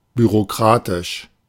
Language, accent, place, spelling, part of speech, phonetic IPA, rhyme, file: German, Germany, Berlin, bürokratisch, adjective, [byʁoˈkʁaːtɪʃ], -aːtɪʃ, De-bürokratisch.ogg
- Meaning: bureaucratic